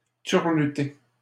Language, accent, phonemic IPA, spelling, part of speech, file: French, Canada, /tyʁ.ly.te/, turluter, verb, LL-Q150 (fra)-turluter.wav
- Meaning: 1. to perform a turlute song 2. to hum